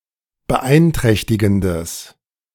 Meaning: strong/mixed nominative/accusative neuter singular of beeinträchtigend
- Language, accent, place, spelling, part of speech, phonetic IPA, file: German, Germany, Berlin, beeinträchtigendes, adjective, [bəˈʔaɪ̯nˌtʁɛçtɪɡn̩dəs], De-beeinträchtigendes.ogg